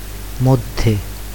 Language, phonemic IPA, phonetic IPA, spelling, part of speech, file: Bengali, /mɔd̪ʱːe/, [ˈmɔd̪ʱːeˑ], মধ্যে, postposition, Bn-মধ্যে.ogg
- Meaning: 1. between 2. in between 3. among 4. within, inside 5. in the middle of, at the center of